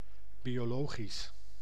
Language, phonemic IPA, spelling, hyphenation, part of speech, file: Dutch, /ˌbi.oːˈloːɣis/, biologisch, bio‧lo‧gisch, adjective, Nl-biologisch.ogg
- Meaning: 1. biological (of biology) 2. organic; produced without chemical pest control (of food)